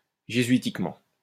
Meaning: Jesuitically
- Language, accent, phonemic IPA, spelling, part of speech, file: French, France, /ʒe.zɥi.tik.mɑ̃/, jésuitiquement, adverb, LL-Q150 (fra)-jésuitiquement.wav